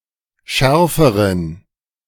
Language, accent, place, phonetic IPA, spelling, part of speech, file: German, Germany, Berlin, [ˈʃɛʁfəʁən], schärferen, adjective, De-schärferen.ogg
- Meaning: inflection of scharf: 1. strong genitive masculine/neuter singular comparative degree 2. weak/mixed genitive/dative all-gender singular comparative degree